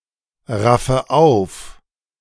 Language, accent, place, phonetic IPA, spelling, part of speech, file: German, Germany, Berlin, [ˌʁafə ˈaʊ̯f], raffe auf, verb, De-raffe auf.ogg
- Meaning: inflection of aufraffen: 1. first-person singular present 2. first/third-person singular subjunctive I 3. singular imperative